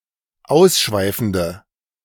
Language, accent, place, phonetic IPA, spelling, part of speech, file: German, Germany, Berlin, [ˈaʊ̯sˌʃvaɪ̯fn̩də], ausschweifende, adjective, De-ausschweifende.ogg
- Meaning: inflection of ausschweifend: 1. strong/mixed nominative/accusative feminine singular 2. strong nominative/accusative plural 3. weak nominative all-gender singular